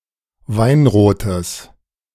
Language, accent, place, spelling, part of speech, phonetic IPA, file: German, Germany, Berlin, weinrotes, adjective, [ˈvaɪ̯nʁoːtəs], De-weinrotes.ogg
- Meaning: strong/mixed nominative/accusative neuter singular of weinrot